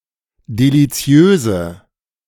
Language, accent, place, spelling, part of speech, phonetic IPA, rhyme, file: German, Germany, Berlin, deliziöse, adjective, [deliˈt͡si̯øːzə], -øːzə, De-deliziöse.ogg
- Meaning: inflection of deliziös: 1. strong/mixed nominative/accusative feminine singular 2. strong nominative/accusative plural 3. weak nominative all-gender singular